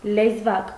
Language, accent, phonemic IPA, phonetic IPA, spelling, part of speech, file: Armenian, Eastern Armenian, /lezˈvɑk/, [lezvɑ́k], լեզվակ, noun, Hy-լեզվակ.ogg
- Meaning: 1. a small tongue-shaped object, such as the tongue of a shoe 2. uvula